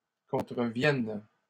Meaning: second-person singular present subjunctive of contrevenir
- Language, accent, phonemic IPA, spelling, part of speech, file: French, Canada, /kɔ̃.tʁə.vjɛn/, contreviennes, verb, LL-Q150 (fra)-contreviennes.wav